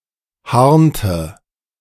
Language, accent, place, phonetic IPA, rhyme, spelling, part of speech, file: German, Germany, Berlin, [ˈhaʁntə], -aʁntə, harnte, verb, De-harnte.ogg
- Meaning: inflection of harnen: 1. first/third-person singular preterite 2. first/third-person singular subjunctive II